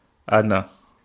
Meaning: where is, how are
- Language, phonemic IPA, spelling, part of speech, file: Wolof, /ˈa.na/, ana, adverb, Wo-ana.ogg